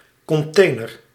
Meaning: 1. shipping container, cargo container 2. dumpster or domestic recycling bin, large waste container
- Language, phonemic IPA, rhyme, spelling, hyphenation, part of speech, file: Dutch, /ˌkɔnˈteː.nər/, -eːnər, container, con‧tai‧ner, noun, Nl-container.ogg